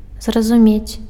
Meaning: 1. to understand (to learn the meaning, content of something) 2. to realize (to find out or guess or about something)
- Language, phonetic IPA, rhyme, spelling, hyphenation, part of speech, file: Belarusian, [zrazuˈmʲet͡sʲ], -et͡sʲ, зразумець, зра‧зу‧мець, verb, Be-зразумець.ogg